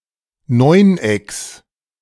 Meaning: genitive singular of Neuneck
- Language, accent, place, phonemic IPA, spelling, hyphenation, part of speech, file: German, Germany, Berlin, /ˈnɔɪ̯nˌ.ɛks/, Neunecks, Neun‧ecks, noun, De-Neunecks.ogg